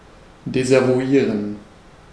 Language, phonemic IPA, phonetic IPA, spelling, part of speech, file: German, /dɛsavuˈiːʁən/, [dɛsʔavuˈiːɐ̯n], desavouieren, verb, De-desavouieren.ogg
- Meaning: 1. to expose, to compromise 2. to disavow